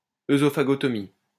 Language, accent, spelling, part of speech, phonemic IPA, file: French, France, œsophagotomie, noun, /e.zɔ.fa.ɡɔ.tɔ.mi/, LL-Q150 (fra)-œsophagotomie.wav
- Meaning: esophagotomy; oesophagotomy; œsophagotomy